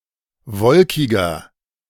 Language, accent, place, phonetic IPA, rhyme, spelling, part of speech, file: German, Germany, Berlin, [ˈvɔlkɪɡɐ], -ɔlkɪɡɐ, wolkiger, adjective, De-wolkiger.ogg
- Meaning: 1. comparative degree of wolkig 2. inflection of wolkig: strong/mixed nominative masculine singular 3. inflection of wolkig: strong genitive/dative feminine singular